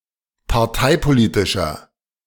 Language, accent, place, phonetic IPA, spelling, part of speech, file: German, Germany, Berlin, [paʁˈtaɪ̯poˌliːtɪʃɐ], parteipolitischer, adjective, De-parteipolitischer.ogg
- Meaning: inflection of parteipolitisch: 1. strong/mixed nominative masculine singular 2. strong genitive/dative feminine singular 3. strong genitive plural